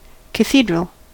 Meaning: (adjective) Relating to the office of a bishop or an archbishop
- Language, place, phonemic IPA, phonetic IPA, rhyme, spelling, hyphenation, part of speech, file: English, California, /kəˈθidɹəl/, [kɪ̈ˈθidɹəl], -iːdɹəl, cathedral, ca‧the‧dral, adjective / noun, En-us-cathedral.ogg